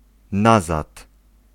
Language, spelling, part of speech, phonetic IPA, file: Polish, nazad, interjection / adverb, [ˈnazat], Pl-nazad.ogg